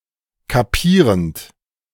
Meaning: present participle of kapieren
- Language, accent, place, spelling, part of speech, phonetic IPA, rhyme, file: German, Germany, Berlin, kapierend, verb, [kaˈpiːʁənt], -iːʁənt, De-kapierend.ogg